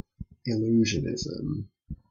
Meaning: 1. The performance of magic tricks 2. The theory of dealing with illusions 3. The doctrine that the material world is an illusion 4. The use of illusionary effects in sculpture and art
- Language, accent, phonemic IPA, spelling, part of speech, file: English, Canada, /ɪˈl(j)uːʒənɪz(ə)m/, illusionism, noun, En-ca-illusionism.ogg